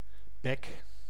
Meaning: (noun) 1. a bird's beak 2. any animal's mouth (such as a snout) 3. a human mouth; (verb) inflection of bekken: 1. first-person singular present indicative 2. second-person singular present indicative
- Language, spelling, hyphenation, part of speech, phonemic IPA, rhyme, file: Dutch, bek, bek, noun / verb, /bɛk/, -ɛk, Nl-bek.ogg